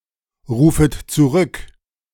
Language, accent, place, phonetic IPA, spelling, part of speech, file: German, Germany, Berlin, [ˌʁuːfət t͡suˈʁʏk], rufet zurück, verb, De-rufet zurück.ogg
- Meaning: second-person plural subjunctive I of zurückrufen